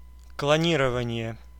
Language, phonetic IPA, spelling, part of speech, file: Russian, [kɫɐˈnʲirəvənʲɪje], клонирование, noun, Ru-клонирование.ogg
- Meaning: cloning